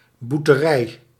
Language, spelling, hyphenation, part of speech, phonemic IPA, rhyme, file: Dutch, boerterij, boer‧te‧rij, noun, /ˌbur.təˈrɛi̯/, -ɛi̯, Nl-boerterij.ogg
- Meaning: 1. prank, joke 2. jest, mockery